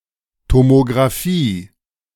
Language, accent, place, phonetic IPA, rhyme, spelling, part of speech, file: German, Germany, Berlin, [tomoɡʁaˈfiː], -iː, Tomografie, noun, De-Tomografie.ogg
- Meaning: tomography